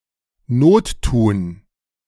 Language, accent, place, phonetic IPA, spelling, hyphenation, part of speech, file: German, Germany, Berlin, [ˈnoːtˌtuːn], nottun, not‧tun, verb, De-nottun.ogg
- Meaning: to be necessary